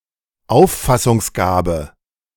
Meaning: perceptive ability, perspicacity
- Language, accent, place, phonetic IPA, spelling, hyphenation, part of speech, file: German, Germany, Berlin, [ˈaʊ̯ffasʊŋsˌɡaːbə], Auffassungsgabe, Auf‧fas‧sungs‧ga‧be, noun, De-Auffassungsgabe.ogg